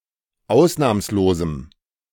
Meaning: strong dative masculine/neuter singular of ausnahmslos
- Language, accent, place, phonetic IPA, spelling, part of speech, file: German, Germany, Berlin, [ˈaʊ̯snaːmsloːzm̩], ausnahmslosem, adjective, De-ausnahmslosem.ogg